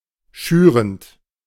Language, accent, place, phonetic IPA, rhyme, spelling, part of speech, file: German, Germany, Berlin, [ˈʃyːʁənt], -yːʁənt, schürend, verb, De-schürend.ogg
- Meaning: present participle of schüren